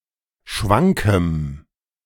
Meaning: strong dative masculine/neuter singular of schwank
- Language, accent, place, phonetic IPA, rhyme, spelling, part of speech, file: German, Germany, Berlin, [ˈʃvaŋkəm], -aŋkəm, schwankem, adjective, De-schwankem.ogg